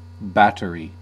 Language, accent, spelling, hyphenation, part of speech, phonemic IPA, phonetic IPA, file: English, US, battery, bat‧te‧ry, noun, /ˈbæt.əɹi/, [ˈbæɾə.ɹi], En-us-battery.ogg
- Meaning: A device used to power electric devices, consisting of one or more electrically connected electrochemical cells or (archaically) electrostatic cells